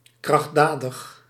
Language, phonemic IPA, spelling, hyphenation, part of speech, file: Dutch, /ˌkrɑx(t)ˈdaː.dəx/, krachtdadig, kracht‧da‧dig, adjective, Nl-krachtdadig.ogg
- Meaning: resolute, firm